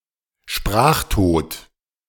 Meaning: language death
- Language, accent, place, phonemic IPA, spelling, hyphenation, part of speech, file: German, Germany, Berlin, /ˈʃpʁaːxˌtoːt/, Sprachtod, Sprach‧tod, noun, De-Sprachtod.ogg